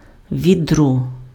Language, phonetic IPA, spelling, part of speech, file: Ukrainian, [ʋʲiˈdrɔ], відро, noun, Uk-відро.ogg
- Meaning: pail, bucket